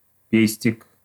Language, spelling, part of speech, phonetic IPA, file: Russian, пестик, noun, [ˈpʲesʲtʲɪk], Ru-пестик.ogg
- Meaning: 1. pestle, stamper 2. pistil 3. pistol, gun 4. young edible horsetail (Equisetum arvense) shoot